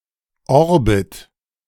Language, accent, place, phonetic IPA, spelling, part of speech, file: German, Germany, Berlin, [ˈɔʁbɪt], Orbit, noun, De-Orbit.ogg
- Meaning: orbit (path of one object around another object)